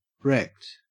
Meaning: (adjective) 1. Destroyed, usually in an accident; damaged to the point of unusability 2. Very intoxicated from alcohol or recreational drugs
- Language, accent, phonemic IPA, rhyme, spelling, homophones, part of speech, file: English, Australia, /ˈɹɛkt/, -ɛkt, wrecked, rect, adjective / verb, En-au-wrecked.ogg